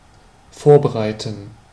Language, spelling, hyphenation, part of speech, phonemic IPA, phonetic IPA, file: German, vorbereiten, vor‧be‧rei‧ten, verb, /ˈfoːʁbəˌʁaɪ̯tən/, [ˈfoːɐ̯bəˌʁaɪ̯tn̩], De-vorbereiten.ogg
- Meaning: 1. to prepare 2. to prepare, to get ready